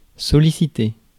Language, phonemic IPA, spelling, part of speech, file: French, /sɔ.li.si.te/, solliciter, verb, Fr-solliciter.ogg
- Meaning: 1. to solicit 2. to attract (attention, interest)